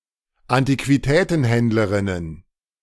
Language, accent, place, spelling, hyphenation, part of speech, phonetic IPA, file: German, Germany, Berlin, Antiquitätenhändlerinnen, An‧ti‧qui‧tä‧ten‧händ‧le‧rin‧nen, noun, [antikviˈtɛːtn̩ˌhɛndləʁɪnən], De-Antiquitätenhändlerinnen.ogg
- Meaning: plural of Antiquitätenhändlerin